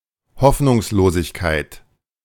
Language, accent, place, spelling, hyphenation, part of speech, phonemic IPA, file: German, Germany, Berlin, Hoffnungslosigkeit, Hoff‧nungs‧lo‧sig‧keit, noun, /ˈhɔfnʊŋsˌloːzɪçkaɪ̯t/, De-Hoffnungslosigkeit.ogg
- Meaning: hopelessness